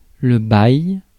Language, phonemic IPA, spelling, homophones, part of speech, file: French, /baj/, bail, baille / baillent / bailles / bye, noun, Fr-bail.ogg
- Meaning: 1. lease (contract) 2. yonks, ages 3. thing, stuff, affair